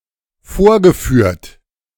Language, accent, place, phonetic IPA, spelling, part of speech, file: German, Germany, Berlin, [ˈfoːɐ̯ɡəˌfyːɐ̯t], vorgeführt, verb, De-vorgeführt.ogg
- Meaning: past participle of vorführen